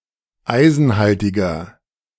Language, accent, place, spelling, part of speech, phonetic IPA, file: German, Germany, Berlin, eisenhaltiger, adjective, [ˈaɪ̯zn̩ˌhaltɪɡɐ], De-eisenhaltiger.ogg
- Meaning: 1. comparative degree of eisenhaltig 2. inflection of eisenhaltig: strong/mixed nominative masculine singular 3. inflection of eisenhaltig: strong genitive/dative feminine singular